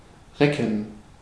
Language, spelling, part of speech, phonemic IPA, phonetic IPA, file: German, recken, verb, /ˈʁɛkən/, [ˈʁɛkŋ], De-recken.ogg
- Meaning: 1. to stretch (one's muscles) 2. to retch, to gag